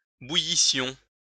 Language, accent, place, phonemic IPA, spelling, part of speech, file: French, France, Lyon, /bu.ji.sjɔ̃/, bouillissions, verb, LL-Q150 (fra)-bouillissions.wav
- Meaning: first-person plural imperfect subjunctive of bouillir